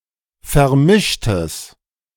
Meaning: strong/mixed nominative/accusative neuter singular of vermischt
- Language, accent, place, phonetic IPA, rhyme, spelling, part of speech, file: German, Germany, Berlin, [fɛɐ̯ˈmɪʃtəs], -ɪʃtəs, vermischtes, adjective, De-vermischtes.ogg